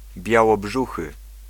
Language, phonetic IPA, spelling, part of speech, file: Polish, [ˌbʲjawɔˈbʒuxɨ], białobrzuchy, adjective, Pl-białobrzuchy.ogg